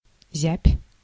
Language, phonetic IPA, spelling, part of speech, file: Russian, [ˈzʲæpʲ], зябь, noun, Ru-зябь.ogg
- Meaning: land ploughed in autumn (for spring sowing)